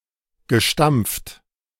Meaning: past participle of stampfen
- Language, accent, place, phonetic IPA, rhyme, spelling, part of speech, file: German, Germany, Berlin, [ɡəˈʃtamp͡ft], -amp͡ft, gestampft, verb, De-gestampft.ogg